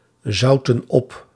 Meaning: inflection of opzouten: 1. plural past indicative 2. plural past subjunctive
- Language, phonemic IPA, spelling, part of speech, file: Dutch, /ˈzɑutə(n) ˈɔp/, zoutten op, verb, Nl-zoutten op.ogg